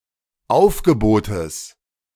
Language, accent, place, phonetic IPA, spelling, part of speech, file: German, Germany, Berlin, [ˈaʊ̯fɡəˌboːtəs], Aufgebotes, noun, De-Aufgebotes.ogg
- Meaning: genitive singular of Aufgebot